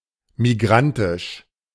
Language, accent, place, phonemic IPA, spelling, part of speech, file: German, Germany, Berlin, /miˈɡʁantɪʃ/, migrantisch, adjective, De-migrantisch.ogg
- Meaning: migrant; migratory